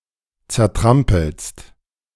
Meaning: second-person singular present of zertrampeln
- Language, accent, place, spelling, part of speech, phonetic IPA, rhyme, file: German, Germany, Berlin, zertrampelst, verb, [t͡sɛɐ̯ˈtʁampl̩st], -ampl̩st, De-zertrampelst.ogg